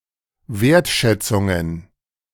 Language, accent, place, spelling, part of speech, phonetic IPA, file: German, Germany, Berlin, Wertschätzungen, noun, [ˈveːɐ̯tˌʃɛt͡sʊŋən], De-Wertschätzungen.ogg
- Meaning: plural of Wertschätzung